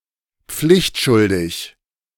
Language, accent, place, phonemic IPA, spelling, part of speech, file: German, Germany, Berlin, /ˈpflɪçtˌʃʊldɪç/, pflichtschuldig, adjective, De-pflichtschuldig.ogg
- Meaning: dutiful